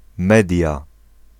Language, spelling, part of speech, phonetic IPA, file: Polish, Media, proper noun, [ˈmɛdʲja], Pl-Media.ogg